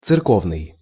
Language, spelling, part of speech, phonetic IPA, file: Russian, церковный, adjective, [t͡sɨrˈkovnɨj], Ru-церковный.ogg
- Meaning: 1. church 2. ecclesiastical